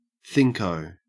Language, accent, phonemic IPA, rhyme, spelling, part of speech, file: English, Australia, /θɪŋkəʊ/, -ɪŋkəʊ, thinko, noun / verb, En-au-thinko.ogg
- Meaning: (noun) A careless mistake made in thinking; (verb) To make a mistake when thinking